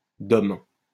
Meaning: acronym of département d'outre-mer (“overseas department”)
- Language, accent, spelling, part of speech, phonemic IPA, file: French, France, DOM, noun, /dɔm/, LL-Q150 (fra)-DOM.wav